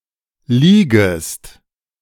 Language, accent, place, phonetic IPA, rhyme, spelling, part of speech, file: German, Germany, Berlin, [ˈliːɡəst], -iːɡəst, liegest, verb, De-liegest.ogg
- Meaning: second-person singular subjunctive I of liegen